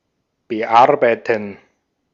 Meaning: 1. to edit 2. to work on something 3. to process (documents, forms, etc.) 4. to take something to, to hit, to strike (repeatedly)
- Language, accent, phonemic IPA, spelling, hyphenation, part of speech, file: German, Austria, /bəˈʔaʁbaɪtn̩/, bearbeiten, be‧ar‧bei‧ten, verb, De-at-bearbeiten.ogg